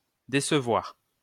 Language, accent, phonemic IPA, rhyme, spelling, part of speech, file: French, France, /de.sə.vwaʁ/, -waʁ, décevoir, verb, LL-Q150 (fra)-décevoir.wav
- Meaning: 1. to disappoint 2. to deceive; to trick